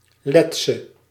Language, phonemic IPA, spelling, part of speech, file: Dutch, /ˈlɛtsə/, Letse, noun / adjective, Nl-Letse.ogg
- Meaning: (adjective) inflection of Lets: 1. masculine/feminine singular attributive 2. definite neuter singular attributive 3. plural attributive; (noun) a Latvian woman